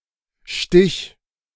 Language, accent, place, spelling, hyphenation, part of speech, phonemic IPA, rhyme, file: German, Germany, Berlin, Stich, Stich, noun / proper noun, /ʃtɪç/, -ɪç, De-Stich.ogg
- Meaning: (noun) 1. sting, prick, stitch, stab 2. trick 3. engraving 4. tinge, slight tint or discoloration (of a color) 5. shooting competition; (proper noun) a surname